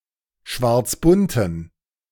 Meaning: inflection of schwarzbunt: 1. strong genitive masculine/neuter singular 2. weak/mixed genitive/dative all-gender singular 3. strong/weak/mixed accusative masculine singular 4. strong dative plural
- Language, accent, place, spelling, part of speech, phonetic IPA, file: German, Germany, Berlin, schwarzbunten, adjective, [ˈʃvaʁt͡sˌbʊntn̩], De-schwarzbunten.ogg